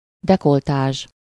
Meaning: décolletage, cleavage
- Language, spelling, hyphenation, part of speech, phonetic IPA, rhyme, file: Hungarian, dekoltázs, de‧kol‧tázs, noun, [ˈdɛkoltaːʒ], -aːʒ, Hu-dekoltázs.ogg